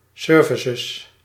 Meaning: plural of service
- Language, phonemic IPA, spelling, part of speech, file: Dutch, /ˈsʏːvɪsɪz/, services, noun, Nl-services.ogg